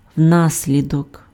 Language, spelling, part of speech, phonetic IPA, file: Ukrainian, внаслідок, preposition, [ˈwnasʲlʲidɔk], Uk-внаслідок.ogg
- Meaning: as a consequence of, owing to, because of, on account of